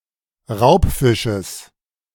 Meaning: genitive singular of Raubfisch
- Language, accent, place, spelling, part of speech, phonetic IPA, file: German, Germany, Berlin, Raubfisches, noun, [ˈʁaʊ̯pˌfɪʃəs], De-Raubfisches.ogg